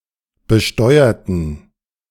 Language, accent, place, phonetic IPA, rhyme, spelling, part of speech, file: German, Germany, Berlin, [bəˈʃtɔɪ̯ɐtn̩], -ɔɪ̯ɐtn̩, besteuerten, adjective / verb, De-besteuerten.ogg
- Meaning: inflection of besteuern: 1. first/third-person plural preterite 2. first/third-person plural subjunctive II